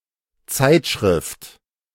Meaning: 1. magazine (published in regular intervals) 2. periodical 3. chronogram
- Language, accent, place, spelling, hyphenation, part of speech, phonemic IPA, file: German, Germany, Berlin, Zeitschrift, Zeit‧schrift, noun, /ˈt͡saɪ̯tˌʃʁɪft/, De-Zeitschrift.ogg